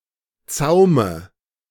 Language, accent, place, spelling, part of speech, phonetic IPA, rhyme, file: German, Germany, Berlin, Zaume, noun, [ˈt͡saʊ̯mə], -aʊ̯mə, De-Zaume.ogg
- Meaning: dative of Zaum